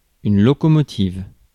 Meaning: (adjective) feminine singular of locomotif; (noun) locomotive
- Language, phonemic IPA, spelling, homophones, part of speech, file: French, /lɔ.kɔ.mɔ.tiv/, locomotive, locomotives, adjective / noun, Fr-locomotive.ogg